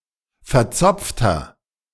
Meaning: 1. comparative degree of verzopft 2. inflection of verzopft: strong/mixed nominative masculine singular 3. inflection of verzopft: strong genitive/dative feminine singular
- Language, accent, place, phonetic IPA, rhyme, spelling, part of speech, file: German, Germany, Berlin, [fɛɐ̯ˈt͡sɔp͡ftɐ], -ɔp͡ftɐ, verzopfter, adjective, De-verzopfter.ogg